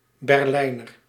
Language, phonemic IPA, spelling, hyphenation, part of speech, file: Dutch, /ˌbɛrˈlɛi̯.nər/, Berlijner, Ber‧lij‧ner, noun / adjective, Nl-Berlijner.ogg
- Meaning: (noun) Berliner (inhabitant of Berlin); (adjective) of or pertaining to Berlin